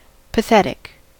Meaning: 1. Arousing pity, sympathy, or compassion; exciting pathos 2. Arousing scorn or contempt, often due to miserable inadequacy 3. Expressing or showing anger; passionate 4. Trochlear
- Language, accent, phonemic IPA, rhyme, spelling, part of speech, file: English, US, /pəˈθɛtɪk/, -ɛtɪk, pathetic, adjective, En-us-pathetic.ogg